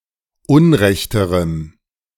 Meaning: strong dative masculine/neuter singular comparative degree of unrecht
- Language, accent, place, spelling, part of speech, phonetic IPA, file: German, Germany, Berlin, unrechterem, adjective, [ˈʊnˌʁɛçtəʁəm], De-unrechterem.ogg